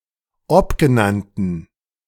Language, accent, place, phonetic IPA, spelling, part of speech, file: German, Germany, Berlin, [ˈɔpɡəˌnantn̩], obgenannten, adjective, De-obgenannten.ogg
- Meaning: inflection of obgenannt: 1. strong genitive masculine/neuter singular 2. weak/mixed genitive/dative all-gender singular 3. strong/weak/mixed accusative masculine singular 4. strong dative plural